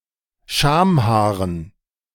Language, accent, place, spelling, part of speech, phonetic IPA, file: German, Germany, Berlin, Schamhaaren, noun, [ˈʃaːmˌhaːʁən], De-Schamhaaren.ogg
- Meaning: dative plural of Schamhaar